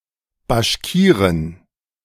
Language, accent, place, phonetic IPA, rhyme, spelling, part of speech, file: German, Germany, Berlin, [baʃˈkiːʁɪn], -iːʁɪn, Baschkirin, noun, De-Baschkirin.ogg
- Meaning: female equivalent of Bashkire: female Bashkir